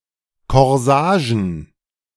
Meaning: plural of Korsage
- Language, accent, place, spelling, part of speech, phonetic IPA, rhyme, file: German, Germany, Berlin, Korsagen, noun, [kɔʁˈzaːʒn̩], -aːʒn̩, De-Korsagen.ogg